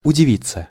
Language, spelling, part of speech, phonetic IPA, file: Russian, удивиться, verb, [ʊdʲɪˈvʲit͡sːə], Ru-удивиться.ogg
- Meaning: to wonder (at), to be surprised, to be amazed